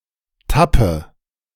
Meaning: inflection of tappen: 1. first-person singular present 2. first/third-person singular subjunctive I 3. singular imperative
- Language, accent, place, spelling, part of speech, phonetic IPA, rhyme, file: German, Germany, Berlin, tappe, verb, [ˈtapə], -apə, De-tappe.ogg